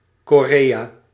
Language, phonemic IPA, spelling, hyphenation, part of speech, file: Dutch, /ˌkoːˈreː.aː/, Korea, Ko‧rea, proper noun, Nl-Korea.ogg
- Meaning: Korea (a geographic region in East Asia, consisting of two countries, commonly known as South Korea and North Korea; formerly a single country)